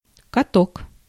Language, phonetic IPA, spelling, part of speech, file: Russian, [kɐˈtok], каток, noun, Ru-каток.ogg
- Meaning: 1. skating rink, ice rink 2. steamroller, road roller, roller (compactor-type engineering vehicle) 3. mangle